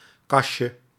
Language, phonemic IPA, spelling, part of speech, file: Dutch, /ˈkɑʃə/, kasje, noun, Nl-kasje.ogg
- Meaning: diminutive of kas